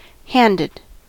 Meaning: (adjective) 1. Having a certain kind or number of hands 2. Synonym of chiral 3. Having a peculiar or characteristic hand or way of treating others 4. With hands joined; hand in hand
- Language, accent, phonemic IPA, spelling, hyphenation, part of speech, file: English, General American, /ˈhændəd/, handed, hand‧ed, adjective / verb, En-us-handed.ogg